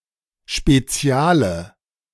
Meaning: inflection of spezial: 1. strong/mixed nominative/accusative feminine singular 2. strong nominative/accusative plural 3. weak nominative all-gender singular 4. weak accusative feminine/neuter singular
- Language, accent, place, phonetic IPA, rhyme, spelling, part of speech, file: German, Germany, Berlin, [ʃpeˈt͡si̯aːlə], -aːlə, speziale, adjective, De-speziale.ogg